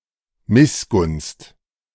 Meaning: jealousy, resentment
- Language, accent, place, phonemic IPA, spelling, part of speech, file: German, Germany, Berlin, /ˈmɪsɡʊnst/, Missgunst, noun, De-Missgunst.ogg